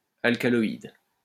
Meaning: alkaloid (organic heterocyclic base)
- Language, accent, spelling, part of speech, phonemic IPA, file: French, France, alcaloïde, noun, /al.ka.lɔ.id/, LL-Q150 (fra)-alcaloïde.wav